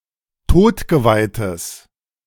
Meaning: strong/mixed nominative/accusative neuter singular of todgeweiht
- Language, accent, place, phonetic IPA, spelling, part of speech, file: German, Germany, Berlin, [ˈtoːtɡəvaɪ̯təs], todgeweihtes, adjective, De-todgeweihtes.ogg